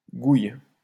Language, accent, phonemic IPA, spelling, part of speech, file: French, France, /ɡuj/, gouille, noun, LL-Q150 (fra)-gouille.wav
- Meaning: 1. puddle, pond 2. sea, ocean 3. low-quality alcohol